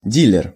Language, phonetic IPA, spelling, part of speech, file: Russian, [ˈdʲilʲɪr], дилер, noun, Ru-дилер.ogg
- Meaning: 1. dealer (of automobiles, drugs, cards, etc.) 2. dealer, broker